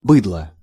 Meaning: 1. cattle 2. rabble; uncultured or stupid people 3. sheeple
- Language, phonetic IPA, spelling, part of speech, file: Russian, [ˈbɨdɫə], быдло, noun, Ru-быдло.ogg